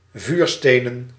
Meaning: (adjective) made or consisting of flint; flint; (noun) plural of vuursteen
- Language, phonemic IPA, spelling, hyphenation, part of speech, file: Dutch, /ˈvyːrˌsteː.nə(n)/, vuurstenen, vuur‧ste‧nen, adjective / noun, Nl-vuurstenen.ogg